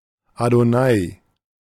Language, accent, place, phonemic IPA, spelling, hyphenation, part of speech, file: German, Germany, Berlin, /adoˈnaːi/, Adonai, Ado‧nai, proper noun, De-Adonai.ogg
- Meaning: Adonai (one of the names of God)